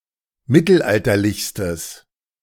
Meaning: strong/mixed nominative/accusative neuter singular superlative degree of mittelalterlich
- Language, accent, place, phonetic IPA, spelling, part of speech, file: German, Germany, Berlin, [ˈmɪtl̩ˌʔaltɐlɪçstəs], mittelalterlichstes, adjective, De-mittelalterlichstes.ogg